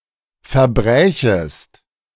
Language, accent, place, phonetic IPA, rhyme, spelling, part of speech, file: German, Germany, Berlin, [fɛɐ̯ˈbʁɛːçəst], -ɛːçəst, verbrächest, verb, De-verbrächest.ogg
- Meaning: second-person singular subjunctive II of verbrechen